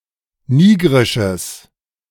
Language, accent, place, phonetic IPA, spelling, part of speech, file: German, Germany, Berlin, [ˈniːɡʁɪʃəs], nigrisches, adjective, De-nigrisches.ogg
- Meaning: strong/mixed nominative/accusative neuter singular of nigrisch